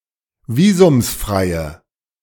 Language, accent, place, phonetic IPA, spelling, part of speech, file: German, Germany, Berlin, [ˈviːzʊmsˌfʁaɪ̯ə], visumsfreie, adjective, De-visumsfreie.ogg
- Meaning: inflection of visumsfrei: 1. strong/mixed nominative/accusative feminine singular 2. strong nominative/accusative plural 3. weak nominative all-gender singular